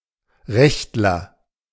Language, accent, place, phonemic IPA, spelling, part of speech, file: German, Germany, Berlin, /ˈʁɛçtlɐ/, Rechtler, noun, De-Rechtler.ogg
- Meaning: someone who has a customary right to provide themselves with firewood from publicly owned forests